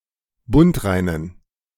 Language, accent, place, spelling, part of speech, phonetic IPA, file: German, Germany, Berlin, bundreinen, adjective, [ˈbʊntˌʁaɪ̯nən], De-bundreinen.ogg
- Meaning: inflection of bundrein: 1. strong genitive masculine/neuter singular 2. weak/mixed genitive/dative all-gender singular 3. strong/weak/mixed accusative masculine singular 4. strong dative plural